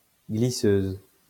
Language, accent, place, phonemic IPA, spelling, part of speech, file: French, France, Lyon, /ɡli.søz/, glisseuse, noun, LL-Q150 (fra)-glisseuse.wav
- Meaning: female equivalent of glisseur